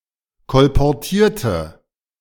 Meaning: inflection of kolportieren: 1. first/third-person singular preterite 2. first/third-person singular subjunctive II
- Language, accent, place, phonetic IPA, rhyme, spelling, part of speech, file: German, Germany, Berlin, [kɔlpɔʁˈtiːɐ̯tə], -iːɐ̯tə, kolportierte, adjective / verb, De-kolportierte.ogg